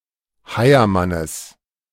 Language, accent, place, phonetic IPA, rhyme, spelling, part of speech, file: German, Germany, Berlin, [ˈhaɪ̯ɐˌmanəs], -aɪ̯ɐmanəs, Heiermannes, noun, De-Heiermannes.ogg
- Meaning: genitive of Heiermann